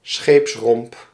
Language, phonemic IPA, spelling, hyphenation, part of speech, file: Dutch, /ˈsxeːps.rɔmp/, scheepsromp, scheeps‧romp, noun, Nl-scheepsromp.ogg
- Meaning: the hull of a ship